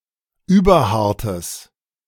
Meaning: strong/mixed nominative/accusative neuter singular of überhart
- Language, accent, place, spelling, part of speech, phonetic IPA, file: German, Germany, Berlin, überhartes, adjective, [ˈyːbɐˌhaʁtəs], De-überhartes.ogg